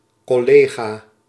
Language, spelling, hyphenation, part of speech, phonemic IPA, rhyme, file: Dutch, collega, col‧le‧ga, noun, /ˌkɔˈleː.ɣaː/, -eːɣaː, Nl-collega.ogg
- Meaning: colleague